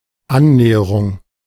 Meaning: 1. approach (act of drawing near; access or opportunity of drawing near) 2. approach (a stroke whose object is to land the ball on the putting green) 3. approximation
- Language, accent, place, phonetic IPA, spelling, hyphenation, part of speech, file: German, Germany, Berlin, [ˈʔanˌnɛːɐʁʊŋ], Annäherung, An‧nä‧he‧rung, noun, De-Annäherung.ogg